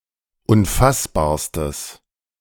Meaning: strong/mixed nominative/accusative neuter singular superlative degree of unfassbar
- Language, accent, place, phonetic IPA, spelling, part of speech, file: German, Germany, Berlin, [ʊnˈfasbaːɐ̯stəs], unfassbarstes, adjective, De-unfassbarstes.ogg